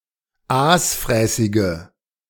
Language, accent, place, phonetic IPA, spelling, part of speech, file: German, Germany, Berlin, [ˈaːsˌfʁɛːsɪɡə], aasfräßige, adjective, De-aasfräßige.ogg
- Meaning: inflection of aasfräßig: 1. strong/mixed nominative/accusative feminine singular 2. strong nominative/accusative plural 3. weak nominative all-gender singular